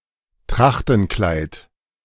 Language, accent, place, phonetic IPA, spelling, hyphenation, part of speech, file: German, Germany, Berlin, [ˈtʁaxtn̩ˌklaɪ̯t], Trachtenkleid, Trach‧ten‧kleid, noun, De-Trachtenkleid.ogg
- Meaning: traditional costume, traditional dress